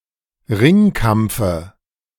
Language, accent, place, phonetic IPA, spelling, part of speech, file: German, Germany, Berlin, [ˈʁɪŋˌkamp͡fə], Ringkampfe, noun, De-Ringkampfe.ogg
- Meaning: dative of Ringkampf